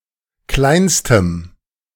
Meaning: strong dative masculine/neuter singular superlative degree of klein
- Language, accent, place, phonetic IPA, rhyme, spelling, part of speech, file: German, Germany, Berlin, [ˈklaɪ̯nstəm], -aɪ̯nstəm, kleinstem, adjective, De-kleinstem.ogg